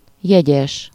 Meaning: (noun) fiancé, fiancée, intended, betrothed, affianced; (adjective) rationed
- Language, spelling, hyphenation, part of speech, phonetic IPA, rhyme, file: Hungarian, jegyes, je‧gyes, noun / adjective, [ˈjɛɟɛʃ], -ɛʃ, Hu-jegyes.ogg